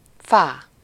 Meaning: fa, a syllable used in solfège to represent the fourth note of a major scale
- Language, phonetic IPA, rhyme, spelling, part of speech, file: Hungarian, [ˈfaː], -faː, fá, noun, Hu-fá.ogg